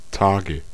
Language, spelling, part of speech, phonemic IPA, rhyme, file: German, Tage, noun, /ˈtaːɡə/, -aːɡə, De-Tage.ogg
- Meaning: 1. inflection of Tag: nominative/accusative/genitive plural 2. inflection of Tag: dative singular 3. period, that time of the month (female menstruation)